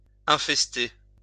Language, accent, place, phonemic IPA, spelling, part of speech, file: French, France, Lyon, /ɛ̃.fɛs.te/, infester, verb, LL-Q150 (fra)-infester.wav
- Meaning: to infest